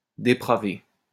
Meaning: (verb) past participle of dépraver; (adjective) corrupted, perverted, depraved
- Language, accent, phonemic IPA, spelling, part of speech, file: French, France, /de.pʁa.ve/, dépravé, verb / adjective, LL-Q150 (fra)-dépravé.wav